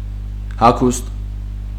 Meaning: clothes, clothing
- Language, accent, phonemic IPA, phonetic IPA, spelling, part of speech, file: Armenian, Eastern Armenian, /hɑˈkʰust/, [hɑkʰúst], հագուստ, noun, Hy-հագուստ.ogg